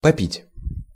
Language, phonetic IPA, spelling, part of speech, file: Russian, [pɐˈpʲitʲ], попить, verb, Ru-попить.ogg
- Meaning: to drink (for a while or a little amount)